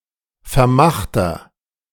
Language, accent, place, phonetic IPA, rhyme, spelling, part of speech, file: German, Germany, Berlin, [fɛɐ̯ˈmaxtɐ], -axtɐ, vermachter, adjective, De-vermachter.ogg
- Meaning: inflection of vermacht: 1. strong/mixed nominative masculine singular 2. strong genitive/dative feminine singular 3. strong genitive plural